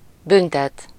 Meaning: 1. to punish (to cause to suffer for crime or misconduct, to administer disciplinary action) 2. to fine (to issue a fee as punishment for violating a regulation)
- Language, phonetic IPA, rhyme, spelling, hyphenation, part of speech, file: Hungarian, [ˈbyntɛt], -ɛt, büntet, bün‧tet, verb, Hu-büntet.ogg